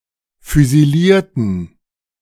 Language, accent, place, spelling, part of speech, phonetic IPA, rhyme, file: German, Germany, Berlin, füsilierten, adjective / verb, [fyziˈliːɐ̯tn̩], -iːɐ̯tn̩, De-füsilierten.ogg
- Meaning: inflection of füsilieren: 1. first/third-person plural preterite 2. first/third-person plural subjunctive II